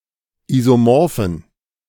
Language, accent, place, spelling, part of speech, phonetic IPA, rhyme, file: German, Germany, Berlin, isomorphen, adjective, [ˌizoˈmɔʁfn̩], -ɔʁfn̩, De-isomorphen.ogg
- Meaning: inflection of isomorph: 1. strong genitive masculine/neuter singular 2. weak/mixed genitive/dative all-gender singular 3. strong/weak/mixed accusative masculine singular 4. strong dative plural